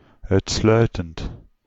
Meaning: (adverb) exclusively; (verb) present participle of uitsluiten
- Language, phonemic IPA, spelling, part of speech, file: Dutch, /œʏtˈslœʏtənt/, uitsluitend, adjective / verb, Nl-uitsluitend.ogg